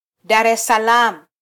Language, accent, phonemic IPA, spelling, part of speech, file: Swahili, Kenya, /ɗɑɾ ɛs sɑˈlɑːm/, Dar es Salaam, proper noun, Sw-ke-Dar es Salaam.flac
- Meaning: 1. Dar es Salaam (the largest city in Tanzania) 2. a region of Tanzania